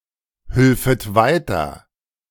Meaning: second-person plural subjunctive II of weiterhelfen
- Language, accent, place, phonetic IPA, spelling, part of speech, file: German, Germany, Berlin, [ˌhʏlfət ˈvaɪ̯tɐ], hülfet weiter, verb, De-hülfet weiter.ogg